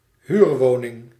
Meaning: tenement
- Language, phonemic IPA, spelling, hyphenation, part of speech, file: Dutch, /ˈhyrwonɪŋ/, huurwoning, huur‧wo‧ning, noun, Nl-huurwoning.ogg